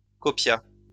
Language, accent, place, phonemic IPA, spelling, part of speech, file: French, France, Lyon, /kɔ.pja/, copia, verb, LL-Q150 (fra)-copia.wav
- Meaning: third-person singular past historic of copier